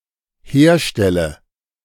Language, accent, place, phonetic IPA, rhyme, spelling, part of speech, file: German, Germany, Berlin, [ˈheːɐ̯ˌʃtɛlə], -eːɐ̯ʃtɛlə, herstelle, verb, De-herstelle.ogg
- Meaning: inflection of herstellen: 1. first-person singular dependent present 2. first/third-person singular dependent subjunctive I